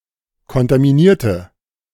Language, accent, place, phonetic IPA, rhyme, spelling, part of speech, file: German, Germany, Berlin, [kɔntamiˈniːɐ̯tə], -iːɐ̯tə, kontaminierte, adjective / verb, De-kontaminierte.ogg
- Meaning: inflection of kontaminieren: 1. first/third-person singular preterite 2. first/third-person singular subjunctive II